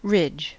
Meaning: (noun) 1. The back of any animal; especially the upper or projecting part of the back of a quadruped 2. Any extended protuberance; a projecting line or strip
- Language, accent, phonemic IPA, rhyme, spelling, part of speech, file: English, US, /ɹɪd͡ʒ/, -ɪdʒ, ridge, noun / verb, En-us-ridge.ogg